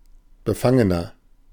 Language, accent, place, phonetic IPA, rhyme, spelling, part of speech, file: German, Germany, Berlin, [bəˈfaŋənɐ], -aŋənɐ, befangener, adjective, De-befangener.ogg
- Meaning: 1. comparative degree of befangen 2. inflection of befangen: strong/mixed nominative masculine singular 3. inflection of befangen: strong genitive/dative feminine singular